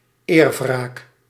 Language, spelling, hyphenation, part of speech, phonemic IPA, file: Dutch, eerwraak, eer‧wraak, noun, /ˈeːr.vraːk/, Nl-eerwraak.ogg
- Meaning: honour-based violence, such as (attempted) honour killings (gendered retribution for presumed violations of family honour)